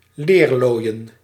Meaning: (noun) tanning; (verb) to tan (to soak an animal hide in tannic acid/gallic acid, thereby changing the hide into leather)
- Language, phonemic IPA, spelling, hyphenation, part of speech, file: Dutch, /ˈleːrˌloːi̯.ə(n)/, leerlooien, leer‧looi‧en, noun / verb, Nl-leerlooien.ogg